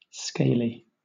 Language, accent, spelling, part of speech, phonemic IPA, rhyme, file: English, Southern England, scaly, adjective / noun, /ˈskeɪli/, -eɪli, LL-Q1860 (eng)-scaly.wav
- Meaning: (adjective) 1. Covered or abounding with scales 2. Composed of scales lying over each other 3. Resembling scales, laminae, or layers 4. low, mean; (noun) The scaly yellowfish (Labeobarbus natalensis)